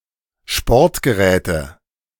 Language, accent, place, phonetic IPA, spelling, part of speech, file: German, Germany, Berlin, [ˈʃpɔʁtɡəˌʁɛːtə], Sportgeräte, noun, De-Sportgeräte.ogg
- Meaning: 1. nominative/accusative/genitive plural of Sportgerät 2. dative of Sportgerät